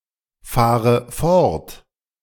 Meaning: inflection of fortfahren: 1. first-person singular present 2. first/third-person singular subjunctive I 3. singular imperative
- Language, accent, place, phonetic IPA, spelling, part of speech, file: German, Germany, Berlin, [ˌfaːʁə ˈfɔʁt], fahre fort, verb, De-fahre fort.ogg